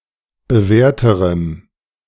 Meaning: strong dative masculine/neuter singular comparative degree of bewährt
- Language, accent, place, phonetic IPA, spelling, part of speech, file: German, Germany, Berlin, [bəˈvɛːɐ̯təʁəm], bewährterem, adjective, De-bewährterem.ogg